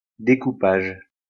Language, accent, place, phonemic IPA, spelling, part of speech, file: French, France, Lyon, /de.ku.paʒ/, découpage, noun, LL-Q150 (fra)-découpage.wav
- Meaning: 1. cutting (action of to cut) 2. decoupage 3. the division of a script into scenes, sequences, and shots